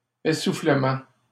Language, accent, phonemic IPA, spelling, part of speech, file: French, Canada, /e.su.flə.mɑ̃/, essoufflement, noun, LL-Q150 (fra)-essoufflement.wav
- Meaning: 1. breathlessness, panting 2. running out of steam (lack of energy or motivation)